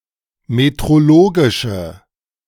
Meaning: inflection of metrologisch: 1. strong/mixed nominative/accusative feminine singular 2. strong nominative/accusative plural 3. weak nominative all-gender singular
- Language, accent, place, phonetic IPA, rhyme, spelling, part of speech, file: German, Germany, Berlin, [metʁoˈloːɡɪʃə], -oːɡɪʃə, metrologische, adjective, De-metrologische.ogg